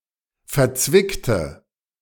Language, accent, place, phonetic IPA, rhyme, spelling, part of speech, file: German, Germany, Berlin, [fɛɐ̯ˈt͡svɪktə], -ɪktə, verzwickte, adjective, De-verzwickte.ogg
- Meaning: inflection of verzwickt: 1. strong/mixed nominative/accusative feminine singular 2. strong nominative/accusative plural 3. weak nominative all-gender singular